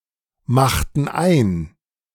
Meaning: inflection of einmachen: 1. first/third-person plural preterite 2. first/third-person plural subjunctive II
- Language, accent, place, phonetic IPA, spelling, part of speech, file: German, Germany, Berlin, [ˌmaxtn̩ ˈaɪ̯n], machten ein, verb, De-machten ein.ogg